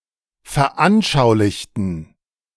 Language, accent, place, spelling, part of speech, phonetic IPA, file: German, Germany, Berlin, veranschaulichten, adjective / verb, [fɛɐ̯ˈʔanʃaʊ̯lɪçtn̩], De-veranschaulichten.ogg
- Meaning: inflection of veranschaulicht: 1. strong genitive masculine/neuter singular 2. weak/mixed genitive/dative all-gender singular 3. strong/weak/mixed accusative masculine singular 4. strong dative plural